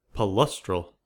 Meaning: 1. Pertaining to or located in marshes; marshy 2. That requires a marshy habitat
- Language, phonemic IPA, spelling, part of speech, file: English, /pəˈlʌstɹəl/, palustral, adjective, En-us-palustral.ogg